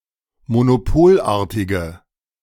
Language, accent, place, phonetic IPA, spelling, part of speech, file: German, Germany, Berlin, [monoˈpoːlˌʔaːɐ̯tɪɡə], monopolartige, adjective, De-monopolartige.ogg
- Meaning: inflection of monopolartig: 1. strong/mixed nominative/accusative feminine singular 2. strong nominative/accusative plural 3. weak nominative all-gender singular